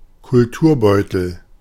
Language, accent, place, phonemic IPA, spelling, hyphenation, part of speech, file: German, Germany, Berlin, /kʊlˈtuːɐ̯bɔʏ̯təl/, Kulturbeutel, Kul‧tur‧beu‧tel, noun, De-Kulturbeutel.ogg
- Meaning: toiletry bag